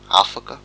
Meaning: 1. set free; separated from; disengaged 2. unlocked 3. discharged 4. taken; occupied 5. passed (an examination)
- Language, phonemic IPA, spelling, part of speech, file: Malagasy, /afakạ/, afaka, verb, Mg-afaka.ogg